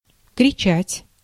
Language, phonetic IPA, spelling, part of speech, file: Russian, [krʲɪˈt͡ɕætʲ], кричать, verb, Ru-кричать.ogg
- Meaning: to cry, to shout, to scream, to yell